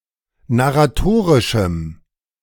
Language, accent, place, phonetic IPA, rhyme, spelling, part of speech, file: German, Germany, Berlin, [naʁaˈtoːʁɪʃm̩], -oːʁɪʃm̩, narratorischem, adjective, De-narratorischem.ogg
- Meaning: strong dative masculine/neuter singular of narratorisch